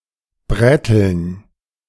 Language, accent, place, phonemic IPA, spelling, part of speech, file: German, Germany, Berlin, /ˈbʁɛtl̩n/, bräteln, verb, De-bräteln.ogg
- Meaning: 1. to lightly fry over a weak fire 2. to grill